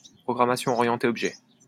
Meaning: object-oriented programming
- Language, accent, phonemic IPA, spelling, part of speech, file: French, France, /pʁɔ.ɡʁa.ma.sjɔ̃ ɔ.ʁjɑ̃.te ɔb.ʒɛ/, programmation orientée objet, noun, LL-Q150 (fra)-programmation orientée objet.wav